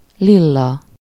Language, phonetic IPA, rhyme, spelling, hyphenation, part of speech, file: Hungarian, [ˈlilːɒ], -lɒ, Lilla, Lil‧la, proper noun, Hu-Lilla.ogg
- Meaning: a female given name